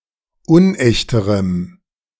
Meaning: strong dative masculine/neuter singular comparative degree of unecht
- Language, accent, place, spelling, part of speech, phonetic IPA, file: German, Germany, Berlin, unechterem, adjective, [ˈʊnˌʔɛçtəʁəm], De-unechterem.ogg